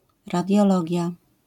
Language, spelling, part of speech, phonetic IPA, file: Polish, radiologia, noun, [ˌradʲjɔˈlɔɟja], LL-Q809 (pol)-radiologia.wav